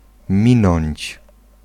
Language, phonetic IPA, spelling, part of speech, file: Polish, [ˈmʲĩnɔ̃ɲt͡ɕ], minąć, verb, Pl-minąć.ogg